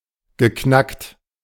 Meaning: past participle of knacken
- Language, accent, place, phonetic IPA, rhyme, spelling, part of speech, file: German, Germany, Berlin, [ɡəˈknakt], -akt, geknackt, verb, De-geknackt.ogg